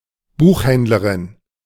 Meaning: female bookseller
- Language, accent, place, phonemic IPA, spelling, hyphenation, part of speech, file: German, Germany, Berlin, /ˈbuːxˌhɛndləʁɪn/, Buchhändlerin, Buch‧händ‧le‧rin, noun, De-Buchhändlerin.ogg